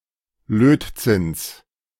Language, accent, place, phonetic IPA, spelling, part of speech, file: German, Germany, Berlin, [ˈløːtˌt͡sɪns], Lötzinns, noun, De-Lötzinns.ogg
- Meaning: genitive singular of Lötzinn